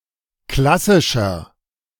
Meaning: 1. comparative degree of klassisch 2. inflection of klassisch: strong/mixed nominative masculine singular 3. inflection of klassisch: strong genitive/dative feminine singular
- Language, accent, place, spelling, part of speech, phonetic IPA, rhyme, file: German, Germany, Berlin, klassischer, adjective, [ˈklasɪʃɐ], -asɪʃɐ, De-klassischer.ogg